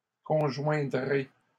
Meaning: second-person plural simple future of conjoindre
- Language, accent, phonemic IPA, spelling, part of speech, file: French, Canada, /kɔ̃.ʒwɛ̃.dʁe/, conjoindrez, verb, LL-Q150 (fra)-conjoindrez.wav